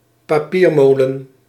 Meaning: paper mill
- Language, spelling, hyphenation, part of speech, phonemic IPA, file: Dutch, papiermolen, pa‧pier‧mo‧len, noun, /paˈpirmolən/, Nl-papiermolen.ogg